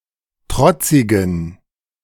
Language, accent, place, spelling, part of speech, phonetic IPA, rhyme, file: German, Germany, Berlin, trotzigen, adjective, [ˈtʁɔt͡sɪɡn̩], -ɔt͡sɪɡn̩, De-trotzigen.ogg
- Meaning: inflection of trotzig: 1. strong genitive masculine/neuter singular 2. weak/mixed genitive/dative all-gender singular 3. strong/weak/mixed accusative masculine singular 4. strong dative plural